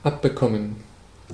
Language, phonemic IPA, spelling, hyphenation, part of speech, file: German, /ˈʔapbəkɔmən/, abbekommen, ab‧be‧kom‧men, verb, De-abbekommen.ogg
- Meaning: to get a share of something (pleasant or unpleasant)